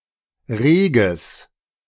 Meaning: strong/mixed nominative/accusative neuter singular of rege
- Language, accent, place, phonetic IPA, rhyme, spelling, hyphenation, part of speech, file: German, Germany, Berlin, [ˈʁeː.ɡəs], -eːɡəs, reges, re‧ges, adjective, De-reges.ogg